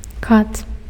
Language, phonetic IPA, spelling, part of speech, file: Belarusian, [kat], кат, noun, Be-кат.ogg
- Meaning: 1. executioner 2. a ruthless killer, a butcher